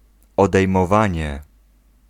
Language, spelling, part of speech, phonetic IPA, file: Polish, odejmowanie, noun, [ˌɔdɛjmɔˈvãɲɛ], Pl-odejmowanie.ogg